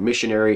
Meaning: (noun) 1. One who is sent on a mission 2. A person who travels attempting to spread a religion or creed (Particularly used in context of Christianity) 3. A religious messenger
- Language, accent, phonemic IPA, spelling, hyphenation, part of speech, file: English, US, /ˈmɪʃ.əˌnɛɹ.ɪ/, missionary, mis‧sion‧ary, noun / adjective, En-us-missionary.ogg